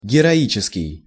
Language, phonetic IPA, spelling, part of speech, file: Russian, [ɡʲɪrɐˈit͡ɕɪskʲɪj], героический, adjective, Ru-героический.ogg
- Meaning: heroic